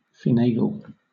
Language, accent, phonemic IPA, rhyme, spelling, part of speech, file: English, Southern England, /fɪˈneɪ.ɡəl/, -eɪɡəl, finagle, verb, LL-Q1860 (eng)-finagle.wav
- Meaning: 1. To obtain, arrange, or achieve by indirect, complicated and/or intensive efforts 2. To obtain, arrange, or achieve by deceitful methods, by trickery